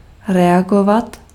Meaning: to react
- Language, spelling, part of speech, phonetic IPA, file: Czech, reagovat, verb, [ˈrɛaɡovat], Cs-reagovat.ogg